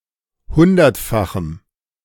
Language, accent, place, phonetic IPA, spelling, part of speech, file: German, Germany, Berlin, [ˈhʊndɐtˌfaxm̩], hundertfachem, adjective, De-hundertfachem.ogg
- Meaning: strong dative masculine/neuter singular of hundertfach